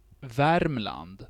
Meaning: the province Värmland in Sweden; also in the name of Värmland County
- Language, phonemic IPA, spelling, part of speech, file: Swedish, /ˈvɛrmˌland/, Värmland, proper noun, Sv-Värmland.ogg